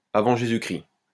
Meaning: BC, before Christ
- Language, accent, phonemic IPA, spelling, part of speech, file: French, France, /a.vɑ̃ ʒe.zy.kʁi/, avant Jésus-Christ, adverb, LL-Q150 (fra)-avant Jésus-Christ.wav